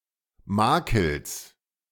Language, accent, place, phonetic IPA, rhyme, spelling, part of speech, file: German, Germany, Berlin, [ˈmaːkl̩s], -aːkl̩s, Makels, noun, De-Makels.ogg
- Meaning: genitive singular of Makel